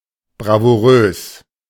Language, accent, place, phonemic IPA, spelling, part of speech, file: German, Germany, Berlin, /bʁavuˈʁøːs/, bravourös, adjective, De-bravourös.ogg
- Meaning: 1. brave 2. brilliant